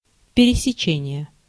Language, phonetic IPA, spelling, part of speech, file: Russian, [pʲɪrʲɪsʲɪˈt͡ɕenʲɪje], пересечение, noun, Ru-пересечение.ogg
- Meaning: 1. intersection (in geometry) 2. overlap 3. crossing